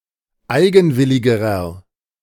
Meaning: inflection of eigenwillig: 1. strong/mixed nominative masculine singular comparative degree 2. strong genitive/dative feminine singular comparative degree 3. strong genitive plural comparative degree
- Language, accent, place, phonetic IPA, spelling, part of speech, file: German, Germany, Berlin, [ˈaɪ̯ɡn̩ˌvɪlɪɡəʁɐ], eigenwilligerer, adjective, De-eigenwilligerer.ogg